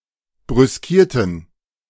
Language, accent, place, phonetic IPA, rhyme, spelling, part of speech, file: German, Germany, Berlin, [bʁʏsˈkiːɐ̯tn̩], -iːɐ̯tn̩, brüskierten, adjective / verb, De-brüskierten.ogg
- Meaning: inflection of brüskieren: 1. first/third-person plural preterite 2. first/third-person plural subjunctive II